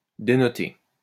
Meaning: 1. to denote 2. to stick out, to stick out like a sore thumb
- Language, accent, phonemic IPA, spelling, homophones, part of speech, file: French, France, /de.nɔ.te/, dénoter, dénotai / dénoté / dénotée / dénotées / dénotés / dénotez, verb, LL-Q150 (fra)-dénoter.wav